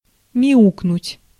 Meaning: to meow, to mew
- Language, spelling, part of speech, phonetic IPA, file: Russian, мяукнуть, verb, [mʲɪˈuknʊtʲ], Ru-мяукнуть.ogg